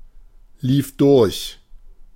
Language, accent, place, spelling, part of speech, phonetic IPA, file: German, Germany, Berlin, lief durch, verb, [ˌliːf ˈdʊʁç], De-lief durch.ogg
- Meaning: first/third-person singular preterite of durchlaufen